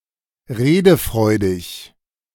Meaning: talkative, eloquent
- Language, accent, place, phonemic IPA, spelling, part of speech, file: German, Germany, Berlin, /ˈʁeːdəˌfʁɔɪ̯dɪç/, redefreudig, adjective, De-redefreudig.ogg